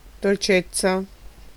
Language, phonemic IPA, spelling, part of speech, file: Italian, /dolˈt͡ʃettsa/, dolcezza, noun, It-dolcezza.ogg